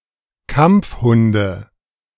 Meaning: nominative/accusative/genitive plural of Kampfhund
- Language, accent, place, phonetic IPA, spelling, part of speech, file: German, Germany, Berlin, [ˈkamp͡fˌhʊndə], Kampfhunde, noun, De-Kampfhunde.ogg